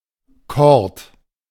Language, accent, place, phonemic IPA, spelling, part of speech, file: German, Germany, Berlin, /kɔʁt/, Cord, noun, De-Cord.ogg
- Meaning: corduroy